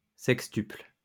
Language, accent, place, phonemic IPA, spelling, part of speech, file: French, France, Lyon, /sɛk.stypl/, sextuple, adjective / verb, LL-Q150 (fra)-sextuple.wav
- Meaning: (adjective) 1. sextuple 2. two hundred fifty-sixth note; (verb) inflection of sextupler: 1. first/third-person singular present indicative/subjunctive 2. second-person singular imperative